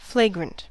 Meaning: 1. Obvious and offensive; blatant; scandalous 2. On fire; flaming 3. Misspelling of fragrant
- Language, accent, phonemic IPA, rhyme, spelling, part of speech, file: English, US, /ˈfleɪ.ɡɹənt/, -eɪɡɹənt, flagrant, adjective, En-us-flagrant.ogg